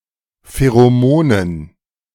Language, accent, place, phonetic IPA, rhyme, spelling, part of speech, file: German, Germany, Berlin, [feʁoˈmoːnən], -oːnən, Pheromonen, noun, De-Pheromonen.ogg
- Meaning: dative plural of Pheromon